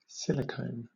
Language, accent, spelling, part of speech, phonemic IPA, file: English, Southern England, silicone, noun / verb / adjective, /ˈsɪlɪkəʊn/, LL-Q1860 (eng)-silicone.wav